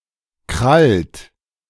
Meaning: inflection of krallen: 1. third-person singular present 2. second-person plural present 3. plural imperative
- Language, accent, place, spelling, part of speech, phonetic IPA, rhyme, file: German, Germany, Berlin, krallt, verb, [kʁalt], -alt, De-krallt.ogg